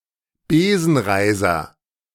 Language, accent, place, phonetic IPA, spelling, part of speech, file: German, Germany, Berlin, [ˈbeːzn̩ˌʁaɪ̯zɐ], Besenreiser, noun, De-Besenreiser.ogg
- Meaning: spider veins